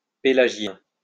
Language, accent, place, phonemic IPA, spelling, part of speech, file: French, France, Lyon, /pe.la.ʒjɛ̃/, pélagien, adjective, LL-Q150 (fra)-pélagien.wav
- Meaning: 1. pelagian (of or pertaining to the open sea) 2. Pelagian (of or relating to Pelagius)